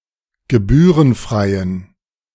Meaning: inflection of gebührenfrei: 1. strong genitive masculine/neuter singular 2. weak/mixed genitive/dative all-gender singular 3. strong/weak/mixed accusative masculine singular 4. strong dative plural
- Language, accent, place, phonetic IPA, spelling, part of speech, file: German, Germany, Berlin, [ɡəˈbyːʁənˌfʁaɪ̯ən], gebührenfreien, adjective, De-gebührenfreien.ogg